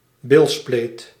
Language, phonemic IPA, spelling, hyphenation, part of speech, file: Dutch, /ˈbɪl.spleːt/, bilspleet, bil‧spleet, noun, Nl-bilspleet.ogg
- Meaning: buttcrack